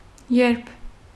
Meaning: 1. when 2. while
- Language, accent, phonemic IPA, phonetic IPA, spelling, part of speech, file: Armenian, Eastern Armenian, /jeɾpʰ/, [jeɾpʰ], երբ, adverb, Hy-երբ.ogg